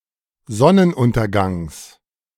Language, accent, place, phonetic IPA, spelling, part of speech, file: German, Germany, Berlin, [ˈzɔnənˌʔʊntɐɡaŋs], Sonnenuntergangs, noun, De-Sonnenuntergangs.ogg
- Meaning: genitive singular of Sonnenuntergang